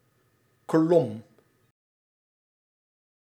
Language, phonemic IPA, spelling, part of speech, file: Dutch, /klɔm/, klom, verb, Nl-klom.ogg
- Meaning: singular past indicative of klimmen